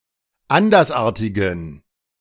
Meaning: inflection of andersartig: 1. strong genitive masculine/neuter singular 2. weak/mixed genitive/dative all-gender singular 3. strong/weak/mixed accusative masculine singular 4. strong dative plural
- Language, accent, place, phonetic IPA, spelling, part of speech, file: German, Germany, Berlin, [ˈandɐsˌʔaːɐ̯tɪɡn̩], andersartigen, adjective, De-andersartigen.ogg